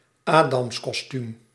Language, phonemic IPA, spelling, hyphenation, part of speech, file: Dutch, /ˈaː.dɑms.kɔsˌtym/, adamskostuum, adams‧kos‧tuum, noun, Nl-adamskostuum.ogg
- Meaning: a man's birthday suit, more generally any person's state of nudity; the nude state